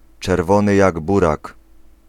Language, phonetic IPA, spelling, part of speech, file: Polish, [t͡ʃɛrˈvɔ̃nɨ ˈjaɡ ˈburak], czerwony jak burak, adjectival phrase, Pl-czerwony jak burak.ogg